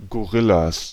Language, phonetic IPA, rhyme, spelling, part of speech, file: German, [ɡoˈʁɪlas], -ɪlas, Gorillas, noun, De-Gorillas.ogg
- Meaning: plural of Gorilla